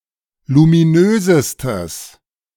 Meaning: strong/mixed nominative/accusative neuter singular superlative degree of luminös
- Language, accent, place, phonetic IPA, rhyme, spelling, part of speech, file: German, Germany, Berlin, [lumiˈnøːzəstəs], -øːzəstəs, luminösestes, adjective, De-luminösestes.ogg